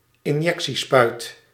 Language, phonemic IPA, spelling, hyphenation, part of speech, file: Dutch, /ɪnˈjɛk.siˌspœy̯t/, injectiespuit, in‧jec‧tie‧spuit, noun, Nl-injectiespuit.ogg
- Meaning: syringe (for medical or other intravenous use)